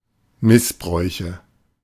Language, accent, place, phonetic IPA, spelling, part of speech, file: German, Germany, Berlin, [ˈmɪsˌbʁɔɪ̯çə], Missbräuche, noun, De-Missbräuche.ogg
- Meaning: nominative/accusative/genitive plural of Missbrauch